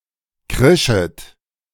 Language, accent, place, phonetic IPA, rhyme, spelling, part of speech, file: German, Germany, Berlin, [ˈkʁɪʃət], -ɪʃət, krischet, verb, De-krischet.ogg
- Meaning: second-person plural subjunctive I of kreischen